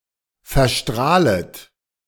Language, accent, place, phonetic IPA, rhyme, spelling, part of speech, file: German, Germany, Berlin, [fɛɐ̯ˈʃtʁaːlət], -aːlət, verstrahlet, verb, De-verstrahlet.ogg
- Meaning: second-person plural subjunctive I of verstrahlen